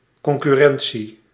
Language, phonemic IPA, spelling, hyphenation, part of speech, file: Dutch, /ˌkɔŋ.kyˈrɛn.(t)si/, concurrentie, con‧cur‧ren‧tie, noun, Nl-concurrentie.ogg
- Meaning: competition